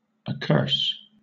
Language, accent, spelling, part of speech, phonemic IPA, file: English, Southern England, accurse, verb, /əˈkɜːs/, LL-Q1860 (eng)-accurse.wav
- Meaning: To damn; to wish misery or evil upon